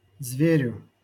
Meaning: dative singular of зверь (zverʹ)
- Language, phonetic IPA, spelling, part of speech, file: Russian, [ˈzvʲerʲʊ], зверю, noun, LL-Q7737 (rus)-зверю.wav